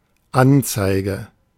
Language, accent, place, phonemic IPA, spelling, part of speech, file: German, Germany, Berlin, /ˈanˌt͡saɪ̯ɡə/, Anzeige, noun, De-Anzeige.ogg
- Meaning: 1. advertisement, announcement (in a newspaper, etc.) 2. display (of a technical device) 3. report, complaint, notification (to the authorities)